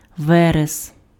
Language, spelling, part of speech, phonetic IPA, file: Ukrainian, верес, noun, [ˈʋɛres], Uk-верес.ogg
- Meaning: heather